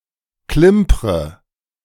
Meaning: inflection of klimpern: 1. first-person singular present 2. first/third-person singular subjunctive I 3. singular imperative
- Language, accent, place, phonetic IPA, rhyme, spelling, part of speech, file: German, Germany, Berlin, [ˈklɪmpʁə], -ɪmpʁə, klimpre, verb, De-klimpre.ogg